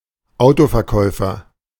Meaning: 1. a private seller of a car 2. car salesperson 3. car trader
- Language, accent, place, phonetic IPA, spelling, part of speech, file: German, Germany, Berlin, [ˈaʊ̯tofɛɐ̯ˌkɔɪ̯fɐ], Autoverkäufer, noun, De-Autoverkäufer.ogg